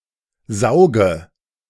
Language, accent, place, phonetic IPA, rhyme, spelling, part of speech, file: German, Germany, Berlin, [ˈzaʊ̯ɡə], -aʊ̯ɡə, sauge, verb, De-sauge.ogg
- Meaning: inflection of saugen: 1. first-person singular present 2. first/third-person singular subjunctive I 3. singular imperative